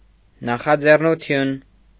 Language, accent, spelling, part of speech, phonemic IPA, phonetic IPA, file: Armenian, Eastern Armenian, նախաձեռնություն, noun, /nɑχɑd͡zernuˈtʰjun/, [nɑχɑd͡zernut͡sʰjún], Hy-նախաձեռնություն.ogg
- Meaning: initiative